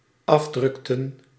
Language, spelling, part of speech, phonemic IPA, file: Dutch, afdrukten, verb, /ˈɑvˌdrʏktə(n)/, Nl-afdrukten.ogg
- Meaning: inflection of afdrukken: 1. plural dependent-clause past indicative 2. plural dependent-clause past subjunctive